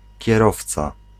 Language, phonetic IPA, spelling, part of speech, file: Polish, [cɛˈrɔft͡sa], kierowca, noun, Pl-kierowca.ogg